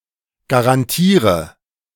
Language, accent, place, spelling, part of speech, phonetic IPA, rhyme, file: German, Germany, Berlin, garantiere, verb, [ɡaʁanˈtiːʁə], -iːʁə, De-garantiere.ogg
- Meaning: inflection of garantieren: 1. first-person singular present 2. singular imperative 3. first/third-person singular subjunctive I